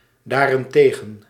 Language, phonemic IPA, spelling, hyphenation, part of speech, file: Dutch, /ˌdaːr.ɛnˈteː.ɣə(n)/, daarentegen, daar‧en‧te‧gen, adverb, Nl-daarentegen.ogg
- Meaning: on the other hand